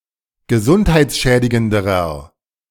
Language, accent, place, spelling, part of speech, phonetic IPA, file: German, Germany, Berlin, gesundheitsschädigenderer, adjective, [ɡəˈzʊnthaɪ̯t͡sˌʃɛːdɪɡəndəʁɐ], De-gesundheitsschädigenderer.ogg
- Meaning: inflection of gesundheitsschädigend: 1. strong/mixed nominative masculine singular comparative degree 2. strong genitive/dative feminine singular comparative degree